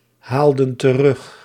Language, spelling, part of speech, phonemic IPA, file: Dutch, haalden terug, verb, /ˈhaldə(n) t(ə)ˈrʏx/, Nl-haalden terug.ogg
- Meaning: inflection of terughalen: 1. plural past indicative 2. plural past subjunctive